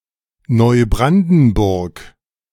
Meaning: Neubrandenburg (a town, the administrative seat of Mecklenburgische Seenplatte district, Mecklenburg-Vorpommern, Germany)
- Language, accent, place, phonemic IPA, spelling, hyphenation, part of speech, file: German, Germany, Berlin, /nɔɪ̯ˈbʁandn̩ˌbʊʁk/, Neubrandenburg, Neu‧bran‧den‧burg, proper noun, De-Neubrandenburg.ogg